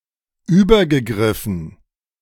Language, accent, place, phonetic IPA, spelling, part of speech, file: German, Germany, Berlin, [ˈyːbɐɡəˌɡʁɪfn̩], übergegriffen, verb, De-übergegriffen.ogg
- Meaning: past participle of übergreifen